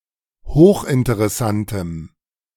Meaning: strong dative masculine/neuter singular of hochinteressant
- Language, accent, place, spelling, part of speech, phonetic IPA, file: German, Germany, Berlin, hochinteressantem, adjective, [ˈhoːxʔɪntəʁɛˌsantəm], De-hochinteressantem.ogg